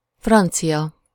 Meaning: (adjective) French (of or relating to France, its people or language); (noun) 1. French (person) 2. French (language)
- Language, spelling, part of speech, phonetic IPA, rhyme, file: Hungarian, francia, adjective / noun, [ˈfrɒnt͡sijɒ], -jɒ, Hu-francia.ogg